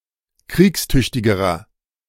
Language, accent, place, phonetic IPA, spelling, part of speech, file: German, Germany, Berlin, [ˈkʁiːksˌtʏçtɪɡəʁɐ], kriegstüchtigerer, adjective, De-kriegstüchtigerer.ogg
- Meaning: inflection of kriegstüchtig: 1. strong/mixed nominative masculine singular comparative degree 2. strong genitive/dative feminine singular comparative degree